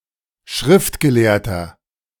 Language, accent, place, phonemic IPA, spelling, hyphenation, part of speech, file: German, Germany, Berlin, /ˈʃʁɪftɡəˌleːɐ̯tɐ/, Schriftgelehrter, Schrift‧ge‧lehr‧ter, noun, De-Schriftgelehrter.ogg
- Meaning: 1. scribe (male or of unspecified gender) 2. inflection of Schriftgelehrte: strong genitive/dative singular 3. inflection of Schriftgelehrte: strong genitive plural